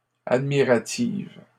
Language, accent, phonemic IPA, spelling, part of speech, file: French, Canada, /ad.mi.ʁa.tiv/, admiratives, adjective, LL-Q150 (fra)-admiratives.wav
- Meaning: feminine plural of admiratif